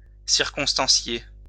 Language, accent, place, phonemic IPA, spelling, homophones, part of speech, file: French, France, Lyon, /siʁ.kɔ̃s.tɑ̃.sje/, circonstancier, circonstancié / circonstanciées / circonstanciés, verb, LL-Q150 (fra)-circonstancier.wav
- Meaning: to present the circumstances of an affair